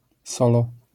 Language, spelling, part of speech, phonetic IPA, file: Polish, solo, adverb / noun, [ˈsɔlɔ], LL-Q809 (pol)-solo.wav